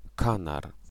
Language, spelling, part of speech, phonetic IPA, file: Polish, kanar, noun, [ˈkãnar], Pl-kanar.ogg